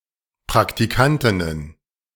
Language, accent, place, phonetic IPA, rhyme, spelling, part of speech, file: German, Germany, Berlin, [pʁaktiˈkantɪnən], -antɪnən, Praktikantinnen, noun, De-Praktikantinnen.ogg
- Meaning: plural of Praktikantin